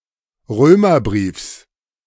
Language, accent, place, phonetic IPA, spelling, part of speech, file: German, Germany, Berlin, [ˈʁøːmɐˌbʁiːfs], Römerbriefs, noun, De-Römerbriefs.ogg
- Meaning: genitive singular of Römerbrief